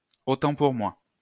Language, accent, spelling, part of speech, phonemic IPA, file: French, France, au temps pour moi, interjection, /o tɑ̃ puʁ mwa/, LL-Q150 (fra)-au temps pour moi.wav
- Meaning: my bad, my mistake, silly me, I stand corrected